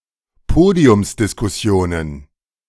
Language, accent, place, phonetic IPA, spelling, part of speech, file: German, Germany, Berlin, [ˈpoːdi̯ʊmsdɪskʊˌsi̯oːnən], Podiumsdiskussionen, noun, De-Podiumsdiskussionen.ogg
- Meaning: plural of Podiumsdiskussion